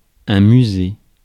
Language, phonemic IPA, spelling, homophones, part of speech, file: French, /my.ze/, musée, Musée, noun, Fr-musée.ogg
- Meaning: museum (a building or institution dedicated to the acquisition, conservation, study, exhibition, and educational interpretation of objects having scientific, historical, cultural or artistic value)